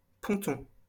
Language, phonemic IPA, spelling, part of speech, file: French, /pɔ̃.tɔ̃/, ponton, noun, LL-Q150 (fra)-ponton.wav
- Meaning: 1. pontoon 2. pontoon (floating structure supporting a bridge or dock) 3. pontoon (the boat)